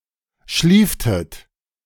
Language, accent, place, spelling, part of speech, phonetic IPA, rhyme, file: German, Germany, Berlin, schlieftet, verb, [ˈʃliːftət], -iːftət, De-schlieftet.ogg
- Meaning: inflection of schliefen: 1. second-person plural preterite 2. second-person plural subjunctive II